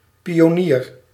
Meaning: pioneer
- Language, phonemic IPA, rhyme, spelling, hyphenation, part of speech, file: Dutch, /ˌpi.oːˈniːr/, -iːr, pionier, pi‧o‧nier, noun, Nl-pionier.ogg